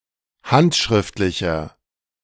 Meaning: inflection of handschriftlich: 1. strong/mixed nominative masculine singular 2. strong genitive/dative feminine singular 3. strong genitive plural
- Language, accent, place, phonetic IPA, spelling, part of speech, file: German, Germany, Berlin, [ˈhantʃʁɪftlɪçɐ], handschriftlicher, adjective, De-handschriftlicher.ogg